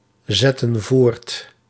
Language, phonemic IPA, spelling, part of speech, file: Dutch, /ˈzɛtə(n) ˈvort/, zetten voort, verb, Nl-zetten voort.ogg
- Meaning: inflection of voortzetten: 1. plural present/past indicative 2. plural present/past subjunctive